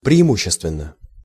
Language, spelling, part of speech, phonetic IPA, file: Russian, преимущественно, adverb, [prʲɪɪˈmuɕːɪstvʲɪn(ː)ə], Ru-преимущественно.ogg
- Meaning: 1. predominantly (in a predominant manner) 2. mostly